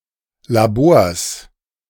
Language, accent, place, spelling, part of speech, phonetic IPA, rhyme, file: German, Germany, Berlin, Labors, noun, [laˈboːɐ̯s], -oːɐ̯s, De-Labors.ogg
- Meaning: plural of Labor